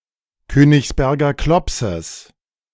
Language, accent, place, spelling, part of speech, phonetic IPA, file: German, Germany, Berlin, Königsberger Klopses, noun, [ˈkøːnɪçsˌbɛʁɡɐ ˈklɔpsəs], De-Königsberger Klopses.ogg
- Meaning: genitive of Königsberger Klops